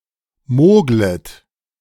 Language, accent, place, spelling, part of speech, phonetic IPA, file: German, Germany, Berlin, moglet, verb, [ˈmoːɡlət], De-moglet.ogg
- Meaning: second-person plural subjunctive I of mogeln